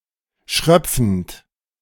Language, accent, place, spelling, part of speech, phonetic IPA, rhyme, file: German, Germany, Berlin, schröpfend, verb, [ˈʃʁœp͡fn̩t], -œp͡fn̩t, De-schröpfend.ogg
- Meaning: present participle of schröpfen